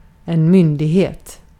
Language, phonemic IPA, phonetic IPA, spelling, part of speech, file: Swedish, /ˈmʏnˌdiːˌheːt/, [ˈmʏnːˌdiːˌheə̯t], myndighet, noun, Sv-myndighet.ogg
- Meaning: 1. authority (the quality of being obeyed and respected, by knowledge, age, or status) 2. an authority, a government agency, a central government authority